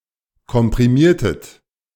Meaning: inflection of komprimieren: 1. second-person plural preterite 2. second-person plural subjunctive II
- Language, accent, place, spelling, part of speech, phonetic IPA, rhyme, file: German, Germany, Berlin, komprimiertet, verb, [kɔmpʁiˈmiːɐ̯tət], -iːɐ̯tət, De-komprimiertet.ogg